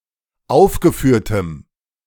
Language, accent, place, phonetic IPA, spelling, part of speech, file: German, Germany, Berlin, [ˈaʊ̯fɡəˌfyːɐ̯təm], aufgeführtem, adjective, De-aufgeführtem.ogg
- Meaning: strong dative masculine/neuter singular of aufgeführt